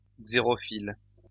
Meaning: xerophilic
- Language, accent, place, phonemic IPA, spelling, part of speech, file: French, France, Lyon, /ɡze.ʁɔ.fil/, xérophile, adjective, LL-Q150 (fra)-xérophile.wav